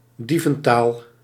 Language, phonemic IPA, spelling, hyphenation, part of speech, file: Dutch, /ˈdi.və(n)ˌtaːl/, dieventaal, die‧ven‧taal, noun, Nl-dieventaal.ogg
- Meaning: thieves' cant